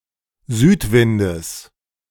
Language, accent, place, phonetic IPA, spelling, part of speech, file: German, Germany, Berlin, [ˈzyːtˌvɪndəs], Südwindes, noun, De-Südwindes.ogg
- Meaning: genitive singular of Südwind